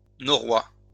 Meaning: alternative form of vieux norrois
- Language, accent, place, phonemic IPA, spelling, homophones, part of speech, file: French, France, Lyon, /nɔ.ʁwa/, norrois, norois, noun, LL-Q150 (fra)-norrois.wav